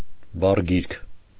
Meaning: dictionary
- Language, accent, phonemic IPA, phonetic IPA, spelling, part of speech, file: Armenian, Eastern Armenian, /bɑrˈɡiɾkʰ/, [bɑrɡíɾkʰ], բառգիրք, noun, Hy-բառգիրք.ogg